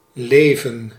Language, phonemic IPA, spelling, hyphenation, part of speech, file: Dutch, /ˈleːvə(n)/, leven, le‧ven, verb / noun, Nl-leven.ogg
- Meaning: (verb) to live; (noun) 1. life (act or duration of living) 2. life, biography (particularly, but not necessarily a hagiography) 3. a life (a chance to play)